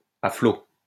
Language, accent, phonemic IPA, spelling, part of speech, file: French, France, /a flo/, à flot, prepositional phrase, LL-Q150 (fra)-à flot.wav
- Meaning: 1. afloat, buoyant 2. above water